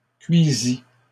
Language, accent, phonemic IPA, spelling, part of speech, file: French, Canada, /kɥi.zi/, cuisis, verb, LL-Q150 (fra)-cuisis.wav
- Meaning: first/second-person singular past historic of cuire